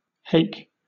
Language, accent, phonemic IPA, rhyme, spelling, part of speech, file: English, Southern England, /heɪk/, -eɪk, hake, noun, LL-Q1860 (eng)-hake.wav
- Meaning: 1. A hook; a pot-hook 2. A kind of weapon; a pike 3. (in the plural) The draught-irons of a plough 4. One of several species of saltwater gadoid fishes, of the genera Phycis, Merluccius, and allies